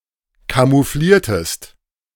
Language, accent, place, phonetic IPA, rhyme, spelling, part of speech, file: German, Germany, Berlin, [kamuˈfliːɐ̯təst], -iːɐ̯təst, camoufliertest, verb, De-camoufliertest.ogg
- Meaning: inflection of camouflieren: 1. second-person singular preterite 2. second-person singular subjunctive II